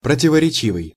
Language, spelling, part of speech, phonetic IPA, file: Russian, противоречивый, adjective, [prətʲɪvərʲɪˈt͡ɕivɨj], Ru-противоречивый.ogg
- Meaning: contradictory, conflicting, discrepant (that is itself a contradiction)